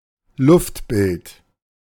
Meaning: aerial view, aerial photograph, bird's-eye view
- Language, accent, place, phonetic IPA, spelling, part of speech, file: German, Germany, Berlin, [ˈlʊftˌbɪlt], Luftbild, noun, De-Luftbild.ogg